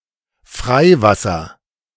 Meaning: open water
- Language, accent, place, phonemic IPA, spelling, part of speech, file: German, Germany, Berlin, /ˈfʁaɪ̯ˌvasɐ/, Freiwasser, noun, De-Freiwasser.ogg